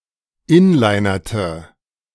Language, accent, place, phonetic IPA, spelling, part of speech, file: German, Germany, Berlin, [ˈɪnlaɪ̯nɐtə], inlinerte, verb, De-inlinerte.ogg
- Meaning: inflection of inlinern: 1. first/third-person singular preterite 2. first/third-person singular subjunctive II